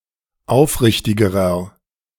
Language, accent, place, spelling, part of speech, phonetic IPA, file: German, Germany, Berlin, aufrichtigerer, adjective, [ˈaʊ̯fˌʁɪçtɪɡəʁɐ], De-aufrichtigerer.ogg
- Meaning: inflection of aufrichtig: 1. strong/mixed nominative masculine singular comparative degree 2. strong genitive/dative feminine singular comparative degree 3. strong genitive plural comparative degree